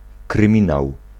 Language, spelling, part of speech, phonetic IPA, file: Polish, kryminał, noun, [krɨ̃ˈmʲĩnaw], Pl-kryminał.ogg